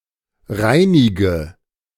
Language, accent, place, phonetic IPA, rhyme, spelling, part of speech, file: German, Germany, Berlin, [ˈʁaɪ̯nɪɡə], -aɪ̯nɪɡə, reinige, verb, De-reinige.ogg
- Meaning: inflection of reinigen: 1. first-person singular present 2. first/third-person singular subjunctive I 3. singular imperative